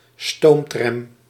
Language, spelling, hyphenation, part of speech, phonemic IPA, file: Dutch, stoomtram, stoom‧tram, noun, /ˈstoːm.trɛm/, Nl-stoomtram.ogg
- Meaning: steam tram, a tram unit pulled by a steam tram locomotive